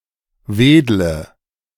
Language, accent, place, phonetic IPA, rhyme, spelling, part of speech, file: German, Germany, Berlin, [ˈveːdlə], -eːdlə, wedle, verb, De-wedle.ogg
- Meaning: inflection of wedeln: 1. first-person singular present 2. singular imperative 3. first/third-person singular subjunctive I